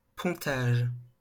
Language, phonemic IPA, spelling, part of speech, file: French, /pɔ̃.taʒ/, pontage, noun, LL-Q150 (fra)-pontage.wav
- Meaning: 1. bypass (an alternative passage created to divert a bodily fluid around a damaged organ) 2. bridge-building